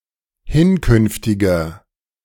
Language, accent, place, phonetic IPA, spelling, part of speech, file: German, Germany, Berlin, [ˈhɪnˌkʏnftɪɡɐ], hinkünftiger, adjective, De-hinkünftiger.ogg
- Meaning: inflection of hinkünftig: 1. strong/mixed nominative masculine singular 2. strong genitive/dative feminine singular 3. strong genitive plural